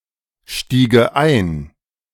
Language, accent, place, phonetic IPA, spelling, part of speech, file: German, Germany, Berlin, [ˌʃtiːɡə ˈaɪ̯n], stiege ein, verb, De-stiege ein.ogg
- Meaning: first/third-person singular subjunctive II of einsteigen